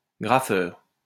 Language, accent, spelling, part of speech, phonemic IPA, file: French, France, grapheur, noun, /ɡʁa.fœʁ/, LL-Q150 (fra)-grapheur.wav
- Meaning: 1. graphics software 2. graphic artist / designer